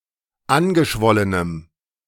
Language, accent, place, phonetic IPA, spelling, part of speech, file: German, Germany, Berlin, [ˈanɡəˌʃvɔlənəm], angeschwollenem, adjective, De-angeschwollenem.ogg
- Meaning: strong dative masculine/neuter singular of angeschwollen